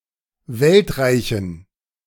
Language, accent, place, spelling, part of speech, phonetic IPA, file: German, Germany, Berlin, Weltreichen, noun, [ˈvɛltˌʁaɪ̯çn̩], De-Weltreichen.ogg
- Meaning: dative plural of Weltreich